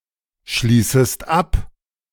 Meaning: second-person singular subjunctive I of abschließen
- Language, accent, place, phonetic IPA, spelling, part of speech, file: German, Germany, Berlin, [ˌʃliːsəst ˈap], schließest ab, verb, De-schließest ab.ogg